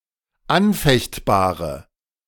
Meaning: inflection of anfechtbar: 1. strong/mixed nominative/accusative feminine singular 2. strong nominative/accusative plural 3. weak nominative all-gender singular
- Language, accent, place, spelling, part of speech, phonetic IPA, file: German, Germany, Berlin, anfechtbare, adjective, [ˈanˌfɛçtbaːʁə], De-anfechtbare.ogg